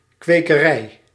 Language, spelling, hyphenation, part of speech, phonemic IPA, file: Dutch, kwekerij, kwe‧ke‧rij, noun, /ˌkʋeː.kəˈrɛi̯/, Nl-kwekerij.ogg
- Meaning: a farm where plants are grown, in particular for saplings, flowers and fruits (including culinary vegetables), often without harvesting the entire plant unless it is used as a sapling